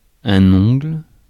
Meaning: nail, fingernail
- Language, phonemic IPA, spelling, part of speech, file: French, /ɔ̃ɡl/, ongle, noun, Fr-ongle.ogg